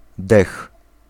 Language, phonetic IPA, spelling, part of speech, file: Polish, [dɛx], dech, noun, Pl-dech.ogg